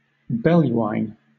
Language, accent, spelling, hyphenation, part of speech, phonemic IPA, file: English, Southern England, belluine, bel‧lu‧ine, adjective, /ˈbɛljuˌaɪn/, LL-Q1860 (eng)-belluine.wav
- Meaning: Of, characteristic of, or pertaining to beasts; animal, bestial; brutal